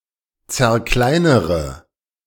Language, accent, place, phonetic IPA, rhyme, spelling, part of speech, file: German, Germany, Berlin, [t͡sɛɐ̯ˈklaɪ̯nəʁə], -aɪ̯nəʁə, zerkleinere, verb, De-zerkleinere.ogg
- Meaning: inflection of zerkleinern: 1. first-person singular present 2. first-person plural subjunctive I 3. third-person singular subjunctive I 4. singular imperative